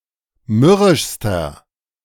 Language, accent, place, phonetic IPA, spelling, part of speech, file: German, Germany, Berlin, [ˈmʏʁɪʃstɐ], mürrischster, adjective, De-mürrischster.ogg
- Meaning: inflection of mürrisch: 1. strong/mixed nominative masculine singular superlative degree 2. strong genitive/dative feminine singular superlative degree 3. strong genitive plural superlative degree